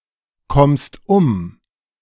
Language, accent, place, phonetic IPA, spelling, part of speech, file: German, Germany, Berlin, [ˌkɔmst ˈʊm], kommst um, verb, De-kommst um.ogg
- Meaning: second-person singular present of umkommen